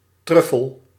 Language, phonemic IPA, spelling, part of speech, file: Dutch, /ˈtrʏfəl/, truffel, noun, Nl-truffel.ogg
- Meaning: 1. a truffle 2. a magic truffle, the sclerotia of magic mushrooms